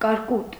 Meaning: hail
- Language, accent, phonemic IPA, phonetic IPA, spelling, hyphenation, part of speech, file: Armenian, Eastern Armenian, /kɑɾˈkut/, [kɑɾkút], կարկուտ, կար‧կուտ, noun, Hy-կարկուտ.ogg